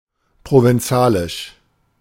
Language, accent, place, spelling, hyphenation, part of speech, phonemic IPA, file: German, Germany, Berlin, provenzalisch, pro‧ven‧za‧lisch, adjective, /ˌpʁovɛnˈt͡saːlɪʃ/, De-provenzalisch.ogg
- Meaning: Provençal